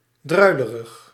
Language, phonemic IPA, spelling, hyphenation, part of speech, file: Dutch, /ˈdrœy̯.lə.rəx/, druilerig, drui‧le‧rig, adjective, Nl-druilerig.ogg
- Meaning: 1. drizzling; mizzling 2. drowsy